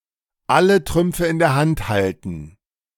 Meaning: to hold all the aces
- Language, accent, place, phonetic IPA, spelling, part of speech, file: German, Germany, Berlin, [ˈalə ˈtʁʏmpfə ɪn deːɐ̯ ˈhant ˈhaltn̩], alle Trümpfe in der Hand halten, verb, De-alle Trümpfe in der Hand halten.ogg